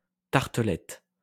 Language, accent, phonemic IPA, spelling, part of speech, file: French, France, /taʁ.tə.lɛt/, tartelette, noun, LL-Q150 (fra)-tartelette.wav
- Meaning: tartlet (small tart)